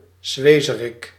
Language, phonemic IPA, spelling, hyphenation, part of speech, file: Dutch, /ˈzʋeː.zə.rɪk/, zwezerik, zwe‧ze‧rik, noun, Nl-zwezerik.ogg
- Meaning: thymus, sweetbread